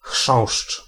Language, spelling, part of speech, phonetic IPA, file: Polish, chrząszcz, noun, [xʃɔ̃w̃ʃt͡ʃ], Pl-chrząszcz.ogg